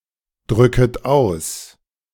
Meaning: second-person plural subjunctive I of ausdrücken
- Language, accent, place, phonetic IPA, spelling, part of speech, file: German, Germany, Berlin, [ˌdʁʏkət ˈaʊ̯s], drücket aus, verb, De-drücket aus.ogg